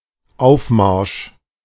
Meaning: 1. deployment 2. marching up 3. parade
- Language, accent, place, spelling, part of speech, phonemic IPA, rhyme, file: German, Germany, Berlin, Aufmarsch, noun, /ˈaʊ̯fˌmaʁʃ/, -aʁʃ, De-Aufmarsch.ogg